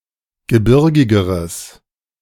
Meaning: strong/mixed nominative/accusative neuter singular comparative degree of gebirgig
- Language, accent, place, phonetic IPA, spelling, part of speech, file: German, Germany, Berlin, [ɡəˈbɪʁɡɪɡəʁəs], gebirgigeres, adjective, De-gebirgigeres.ogg